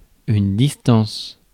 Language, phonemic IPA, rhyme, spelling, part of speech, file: French, /dis.tɑ̃s/, -ɑ̃s, distance, noun / verb, Fr-distance.ogg
- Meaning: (noun) 1. distance (literal physical distance) 2. distance (metaphoric or figurative); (verb) inflection of distancer: first/third-person singular present indicative/subjunctive